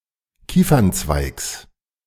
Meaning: genitive singular of Kiefernzweig
- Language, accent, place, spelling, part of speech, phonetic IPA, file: German, Germany, Berlin, Kiefernzweigs, noun, [ˈkiːfɐnˌt͡svaɪ̯ks], De-Kiefernzweigs.ogg